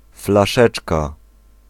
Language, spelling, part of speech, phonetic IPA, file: Polish, flaszeczka, noun, [flaˈʃɛt͡ʃka], Pl-flaszeczka.ogg